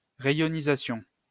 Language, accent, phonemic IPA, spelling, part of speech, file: French, France, /ʁe.jɔ.ni.za.sjɔ̃/, réionisation, noun, LL-Q150 (fra)-réionisation.wav
- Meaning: reionization